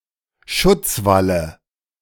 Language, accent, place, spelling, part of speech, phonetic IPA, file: German, Germany, Berlin, Schutzwalle, noun, [ˈʃʊt͡sˌvalə], De-Schutzwalle.ogg
- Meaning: dative singular of Schutzwall